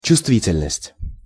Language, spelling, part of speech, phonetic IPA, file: Russian, чувствительность, noun, [t͡ɕʊstˈvʲitʲɪlʲnəsʲtʲ], Ru-чувствительность.ogg
- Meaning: sensitivity